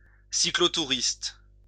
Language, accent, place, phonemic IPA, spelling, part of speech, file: French, France, Lyon, /si.klɔ.tu.ʁist/, cyclotouriste, noun, LL-Q150 (fra)-cyclotouriste.wav
- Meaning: bicycle tourist